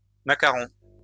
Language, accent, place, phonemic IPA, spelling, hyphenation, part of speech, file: French, France, Lyon, /ma.ka.ʁɔ̃/, macarons, ma‧ca‧rons, noun, LL-Q150 (fra)-macarons.wav
- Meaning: plural of macaron